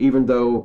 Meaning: 1. Although; though; despite or in spite of the fact that 2. Even if
- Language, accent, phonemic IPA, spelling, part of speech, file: English, US, /ˈivən ðoʊ/, even though, conjunction, En-us-even though.ogg